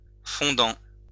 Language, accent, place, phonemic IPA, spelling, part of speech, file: French, France, Lyon, /fɔ̃.dɑ̃/, fondant, verb / adjective / noun, LL-Q150 (fra)-fondant.wav
- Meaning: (verb) 1. present participle of fonder 2. present participle of fondre; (adjective) 1. melting 2. melt in the mouth 3. stooping, as for prey; describes an eagle, falcon, etc. flying downward